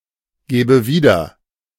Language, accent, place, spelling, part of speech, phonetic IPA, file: German, Germany, Berlin, gäbe wieder, verb, [ˌɡɛːbə ˈviːdɐ], De-gäbe wieder.ogg
- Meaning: first/third-person singular subjunctive II of wiedergeben